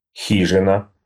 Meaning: cabin, hut, shack (small wooden shed)
- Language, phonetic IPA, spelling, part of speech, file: Russian, [ˈxʲiʐɨnə], хижина, noun, Ru-хижина.ogg